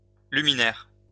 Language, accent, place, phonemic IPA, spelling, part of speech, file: French, France, Lyon, /ly.mi.nɛʁ/, luminaire, noun, LL-Q150 (fra)-luminaire.wav
- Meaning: a luminaire, a light fixture